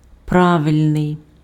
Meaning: correct, right
- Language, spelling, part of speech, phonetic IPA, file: Ukrainian, правильний, adjective, [ˈpraʋelʲnei̯], Uk-правильний.ogg